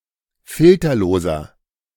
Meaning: inflection of filterlos: 1. strong/mixed nominative masculine singular 2. strong genitive/dative feminine singular 3. strong genitive plural
- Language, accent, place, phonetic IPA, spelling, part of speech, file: German, Germany, Berlin, [ˈfɪltɐloːzɐ], filterloser, adjective, De-filterloser.ogg